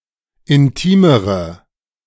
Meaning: inflection of intim: 1. strong/mixed nominative/accusative feminine singular comparative degree 2. strong nominative/accusative plural comparative degree
- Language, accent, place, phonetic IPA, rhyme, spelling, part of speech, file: German, Germany, Berlin, [ɪnˈtiːməʁə], -iːməʁə, intimere, adjective, De-intimere.ogg